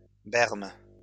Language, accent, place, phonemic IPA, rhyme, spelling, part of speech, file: French, France, Lyon, /bɛʁm/, -ɛʁm, berme, noun, LL-Q150 (fra)-berme.wav
- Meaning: berm